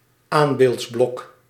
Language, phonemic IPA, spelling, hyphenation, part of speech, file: Dutch, /ˈaːm.beːltsˌblɔk/, aanbeeldsblok, aan‧beelds‧blok, noun, Nl-aanbeeldsblok.ogg
- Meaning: supporting block for an anvil